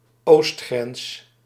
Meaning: eastern border
- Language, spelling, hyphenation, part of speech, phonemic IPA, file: Dutch, oostgrens, oost‧grens, noun, /ˈoːst.xrɛns/, Nl-oostgrens.ogg